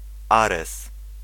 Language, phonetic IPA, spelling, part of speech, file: Polish, [ˈarɛs], Ares, proper noun, Pl-Ares.ogg